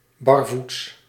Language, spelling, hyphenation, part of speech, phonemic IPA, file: Dutch, barvoets, bar‧voets, adjective, /bɑrˈvuts/, Nl-barvoets.ogg
- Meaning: alternative form of barrevoets